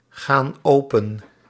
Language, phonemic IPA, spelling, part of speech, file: Dutch, /ˈɣan ˈopə(n)/, gaan open, verb, Nl-gaan open.ogg
- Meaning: inflection of opengaan: 1. plural present indicative 2. plural present subjunctive